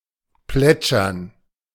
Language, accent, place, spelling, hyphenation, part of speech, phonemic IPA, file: German, Germany, Berlin, plätschern, plät‧schern, verb, /ˈplɛt͡ʃɐn/, De-plätschern.ogg
- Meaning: 1. to trickle 2. to babble (said of a river)